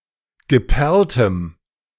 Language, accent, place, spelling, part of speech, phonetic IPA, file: German, Germany, Berlin, geperltem, adjective, [ɡəˈpɛʁltəm], De-geperltem.ogg
- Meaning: strong dative masculine/neuter singular of geperlt